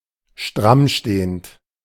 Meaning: present participle of strammstehen
- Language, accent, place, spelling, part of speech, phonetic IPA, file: German, Germany, Berlin, strammstehend, verb, [ˈʃtʁamˌʃteːənt], De-strammstehend.ogg